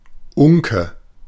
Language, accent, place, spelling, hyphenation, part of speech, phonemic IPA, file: German, Germany, Berlin, Unke, Un‧ke, noun, /ˈʊŋkə/, De-Unke.ogg
- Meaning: 1. fire-bellied toad (genus Bombina) 2. pessimist, doomsayer